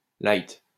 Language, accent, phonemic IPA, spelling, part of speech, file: French, France, /lajt/, light, adjective, LL-Q150 (fra)-light.wav
- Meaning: 1. light, slight 2. diet, low-fat, fat-free, light